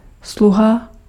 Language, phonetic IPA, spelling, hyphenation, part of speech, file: Czech, [ˈsluɦa], sluha, slu‧ha, noun, Cs-sluha.ogg
- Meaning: servant